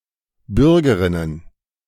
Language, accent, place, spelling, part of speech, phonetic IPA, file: German, Germany, Berlin, Bürgerinnen, noun, [ˈbʏʁɡəʁɪnən], De-Bürgerinnen.ogg
- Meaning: plural of Bürgerin